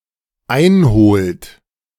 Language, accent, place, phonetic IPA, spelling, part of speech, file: German, Germany, Berlin, [ˈaɪ̯nˌhoːlt], einholt, verb, De-einholt.ogg
- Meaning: inflection of einholen: 1. third-person singular dependent present 2. second-person plural dependent present